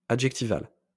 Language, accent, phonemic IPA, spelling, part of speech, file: French, France, /a.dʒɛk.ti.val/, adjectival, adjective, LL-Q150 (fra)-adjectival.wav
- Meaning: adjectival